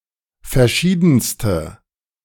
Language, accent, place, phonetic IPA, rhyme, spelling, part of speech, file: German, Germany, Berlin, [fɛɐ̯ˈʃiːdn̩stə], -iːdn̩stə, verschiedenste, adjective, De-verschiedenste.ogg
- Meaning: inflection of verschieden: 1. strong/mixed nominative/accusative feminine singular superlative degree 2. strong nominative/accusative plural superlative degree